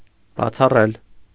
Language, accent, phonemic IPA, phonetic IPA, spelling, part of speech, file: Armenian, Eastern Armenian, /bɑt͡sʰɑˈrel/, [bɑt͡sʰɑrél], բացառել, verb, Hy-բացառել.ogg
- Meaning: 1. to make an exception 2. to reject, to decline, to turn down 3. to disallow, to preclude, to prohibit